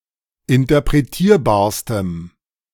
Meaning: strong dative masculine/neuter singular superlative degree of interpretierbar
- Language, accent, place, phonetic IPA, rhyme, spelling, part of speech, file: German, Germany, Berlin, [ɪntɐpʁeˈtiːɐ̯baːɐ̯stəm], -iːɐ̯baːɐ̯stəm, interpretierbarstem, adjective, De-interpretierbarstem.ogg